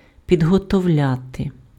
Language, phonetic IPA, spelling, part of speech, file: Ukrainian, [pʲidɦɔtɔu̯ˈlʲate], підготовляти, verb, Uk-підготовляти.ogg
- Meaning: to prepare, to get ready